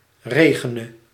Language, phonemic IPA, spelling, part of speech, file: Dutch, /ˈreɣənə/, regene, verb, Nl-regene.ogg
- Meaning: singular present subjunctive of regenen